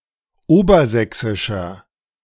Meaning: inflection of obersächsisch: 1. strong/mixed nominative masculine singular 2. strong genitive/dative feminine singular 3. strong genitive plural
- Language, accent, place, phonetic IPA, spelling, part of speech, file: German, Germany, Berlin, [ˈoːbɐˌzɛksɪʃɐ], obersächsischer, adjective, De-obersächsischer.ogg